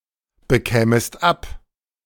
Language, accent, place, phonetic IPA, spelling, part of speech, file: German, Germany, Berlin, [bəˌkɛːməst ˈap], bekämest ab, verb, De-bekämest ab.ogg
- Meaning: second-person singular subjunctive II of abbekommen